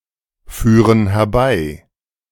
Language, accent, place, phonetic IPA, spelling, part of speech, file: German, Germany, Berlin, [ˌfyːʁən hɛɐ̯ˈbaɪ̯], führen herbei, verb, De-führen herbei.ogg
- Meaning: inflection of herbeiführen: 1. first/third-person plural present 2. first/third-person plural subjunctive I